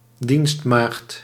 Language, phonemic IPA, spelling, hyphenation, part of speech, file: Dutch, /ˈdinst.maːxt/, dienstmaagd, dienst‧maagd, noun, Nl-dienstmaagd.ogg
- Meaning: maidservant, maid